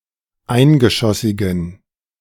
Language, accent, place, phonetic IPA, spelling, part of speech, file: German, Germany, Berlin, [ˈaɪ̯nɡəˌʃɔsɪɡn̩], eingeschossigen, adjective, De-eingeschossigen.ogg
- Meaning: inflection of eingeschossig: 1. strong genitive masculine/neuter singular 2. weak/mixed genitive/dative all-gender singular 3. strong/weak/mixed accusative masculine singular 4. strong dative plural